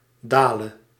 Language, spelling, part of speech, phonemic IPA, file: Dutch, dale, verb, /daːlə/, Nl-dale.ogg
- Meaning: singular present subjunctive of dalen